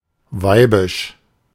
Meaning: effeminate, womanly
- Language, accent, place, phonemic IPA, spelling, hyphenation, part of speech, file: German, Germany, Berlin, /ˈvaɪ̯bɪʃ/, weibisch, wei‧bisch, adjective, De-weibisch.ogg